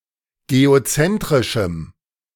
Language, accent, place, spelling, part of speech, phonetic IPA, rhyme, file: German, Germany, Berlin, geozentrischem, adjective, [ɡeoˈt͡sɛntʁɪʃm̩], -ɛntʁɪʃm̩, De-geozentrischem.ogg
- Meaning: strong dative masculine/neuter singular of geozentrisch